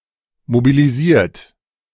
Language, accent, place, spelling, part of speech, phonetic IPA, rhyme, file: German, Germany, Berlin, mobilisiert, verb, [mobiliˈziːɐ̯t], -iːɐ̯t, De-mobilisiert.ogg
- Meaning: 1. past participle of mobilisieren 2. inflection of mobilisieren: second-person plural present 3. inflection of mobilisieren: third-person singular present